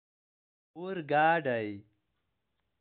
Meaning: train
- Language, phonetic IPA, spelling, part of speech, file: Pashto, [oɾ.ɡɑ́.ɖa̝ɪ̯], اورګاډی, noun, اورګاډی.ogg